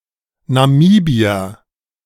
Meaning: Namibian (a person from Namibia or of Namibian descent, either male or of unspecified gender)
- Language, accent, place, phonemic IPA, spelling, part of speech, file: German, Germany, Berlin, /naˈmiːbiɐ/, Namibier, noun, De-Namibier.ogg